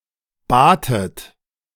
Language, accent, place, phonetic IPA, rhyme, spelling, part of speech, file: German, Germany, Berlin, [ˈbaːtət], -aːtət, batet, verb, De-batet.ogg
- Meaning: second-person plural preterite of bitten